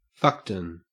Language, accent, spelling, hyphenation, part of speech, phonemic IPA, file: English, Australia, fuckton, fuck‧ton, noun, /ˈfʌktʌn/, En-au-fuckton.ogg
- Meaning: A large amount